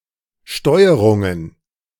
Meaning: plural of Steuerung
- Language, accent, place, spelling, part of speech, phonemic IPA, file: German, Germany, Berlin, Steuerungen, noun, /ˈʃtɔɪ̯əʁʊŋən/, De-Steuerungen.ogg